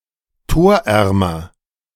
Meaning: comparative degree of torarm
- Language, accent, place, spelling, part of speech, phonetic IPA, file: German, Germany, Berlin, torärmer, adjective, [ˈtoːɐ̯ˌʔɛʁmɐ], De-torärmer.ogg